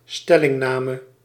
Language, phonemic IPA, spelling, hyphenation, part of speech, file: Dutch, /ˈstɛ.lɪŋˌnaː.mə/, stellingname, stel‧ling‧na‧me, noun, Nl-stellingname.ogg
- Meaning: the act of taking a position: 1. occupying a military position 2. taking a stance